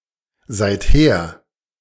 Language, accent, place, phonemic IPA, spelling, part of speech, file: German, Germany, Berlin, /ˌzaɪ̯tˈheːɐ̯/, seither, adverb, De-seither.ogg
- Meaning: since then (from that point in time onwards)